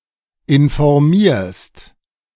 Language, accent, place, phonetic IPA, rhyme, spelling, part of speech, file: German, Germany, Berlin, [ɪnfɔʁˈmiːɐ̯st], -iːɐ̯st, informierst, verb, De-informierst.ogg
- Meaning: second-person singular present of informieren